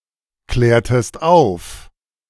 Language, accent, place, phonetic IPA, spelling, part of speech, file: German, Germany, Berlin, [ˌklɛːɐ̯təst ˈaʊ̯f], klärtest auf, verb, De-klärtest auf.ogg
- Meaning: inflection of aufklären: 1. second-person singular preterite 2. second-person singular subjunctive II